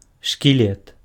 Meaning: skeleton
- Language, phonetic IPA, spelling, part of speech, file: Belarusian, [ʂkʲiˈlʲet], шкілет, noun, Be-шкілет.ogg